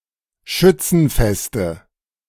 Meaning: nominative/accusative/genitive plural of Schützenfest
- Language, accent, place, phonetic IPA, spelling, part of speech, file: German, Germany, Berlin, [ˈʃʏt͡sn̩ˌfɛstə], Schützenfeste, noun, De-Schützenfeste.ogg